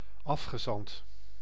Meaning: envoy, emissary, delegate: a representative appointed by the state
- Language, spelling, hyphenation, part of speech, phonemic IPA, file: Dutch, afgezant, af‧ge‧zant, noun, /ˈɑf.xəˌzɑnt/, Nl-afgezant.ogg